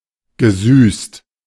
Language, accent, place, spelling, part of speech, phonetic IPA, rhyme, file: German, Germany, Berlin, gesüßt, adjective / verb, [ɡəˈzyːst], -yːst, De-gesüßt.ogg
- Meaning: past participle of süßen